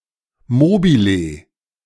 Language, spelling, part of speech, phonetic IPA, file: German, Mobile, noun, [ˈmoːbiˌleː], De-Mobile.ogg